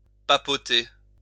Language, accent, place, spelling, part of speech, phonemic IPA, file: French, France, Lyon, papoter, verb, /pa.pɔ.te/, LL-Q150 (fra)-papoter.wav
- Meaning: 1. to chat, chatter 2. to nibble